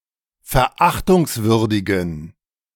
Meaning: inflection of verachtungswürdig: 1. strong genitive masculine/neuter singular 2. weak/mixed genitive/dative all-gender singular 3. strong/weak/mixed accusative masculine singular
- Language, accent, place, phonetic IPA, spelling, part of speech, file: German, Germany, Berlin, [fɛɐ̯ˈʔaxtʊŋsˌvʏʁdɪɡn̩], verachtungswürdigen, adjective, De-verachtungswürdigen.ogg